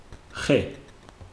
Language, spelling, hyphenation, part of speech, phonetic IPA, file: Georgian, ხე, ხე, noun, [χe̞], Ka-ხე.ogg
- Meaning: tree